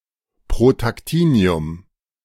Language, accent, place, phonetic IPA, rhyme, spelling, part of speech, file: German, Germany, Berlin, [pʁotakˈtiːni̯ʊm], -iːni̯ʊm, Protactinium, noun, De-Protactinium.ogg
- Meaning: protactinium